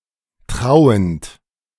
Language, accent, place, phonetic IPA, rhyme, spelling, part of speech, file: German, Germany, Berlin, [ˈtʁaʊ̯ənt], -aʊ̯ənt, trauend, verb, De-trauend.ogg
- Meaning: present participle of trauen